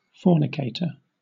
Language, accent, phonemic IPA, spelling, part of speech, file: English, Southern England, /ˈfɔː(ɹ).nɪ.keɪ.tə(ɹ)/, fornicator, noun, LL-Q1860 (eng)-fornicator.wav
- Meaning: An unmarried person who engages in sexual intercourse, especially when considered to be of an illicit or illegal nature